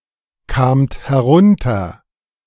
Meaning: second-person plural preterite of herunterkommen
- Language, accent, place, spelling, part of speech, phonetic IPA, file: German, Germany, Berlin, kamt herunter, verb, [ˌkaːmt hɛˈʁʊntɐ], De-kamt herunter.ogg